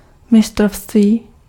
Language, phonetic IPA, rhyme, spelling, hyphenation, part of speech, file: Czech, [ˈmɪstrofstviː], -ofstviː, mistrovství, mi‧s‧t‧rov‧ství, noun, Cs-mistrovství.ogg
- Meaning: 1. mastery 2. championship